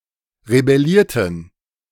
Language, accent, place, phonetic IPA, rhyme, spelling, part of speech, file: German, Germany, Berlin, [ʁebɛˈliːɐ̯tn̩], -iːɐ̯tn̩, rebellierten, verb, De-rebellierten.ogg
- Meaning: inflection of rebellieren: 1. first/third-person plural preterite 2. first/third-person plural subjunctive II